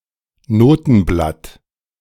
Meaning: sheet of music
- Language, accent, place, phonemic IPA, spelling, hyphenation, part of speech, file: German, Germany, Berlin, /ˈnoːtn̩blat/, Notenblatt, No‧ten‧blatt, noun, De-Notenblatt.ogg